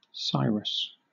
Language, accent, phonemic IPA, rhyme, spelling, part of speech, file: English, Southern England, /ˈsaɪɹəs/, -aɪɹəs, Cyrus, proper noun, LL-Q1860 (eng)-Cyrus.wav
- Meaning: 1. An ancient king of Persia, Cyrus the Great 2. A male given name from Old Persian 3. A surname 4. The Kura river, as it is called in classical sources